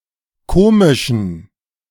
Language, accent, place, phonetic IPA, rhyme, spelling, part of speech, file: German, Germany, Berlin, [ˈkoːmɪʃn̩], -oːmɪʃn̩, komischen, adjective, De-komischen.ogg
- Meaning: inflection of komisch: 1. strong genitive masculine/neuter singular 2. weak/mixed genitive/dative all-gender singular 3. strong/weak/mixed accusative masculine singular 4. strong dative plural